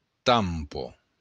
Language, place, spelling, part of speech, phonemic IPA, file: Occitan, Béarn, tampa, noun, /ˈtam.pɒ/, LL-Q14185 (oci)-tampa.wav
- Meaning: 1. valve 2. seacock